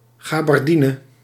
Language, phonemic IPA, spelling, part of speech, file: Dutch, /ɣɑ.bɑrˈdi.nə/, gabardine, adjective / noun, Nl-gabardine.ogg
- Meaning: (adjective) made from gabardine; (noun) 1. the woolen (cloth) Gabardine 2. an overcoat or raincoat (of this material)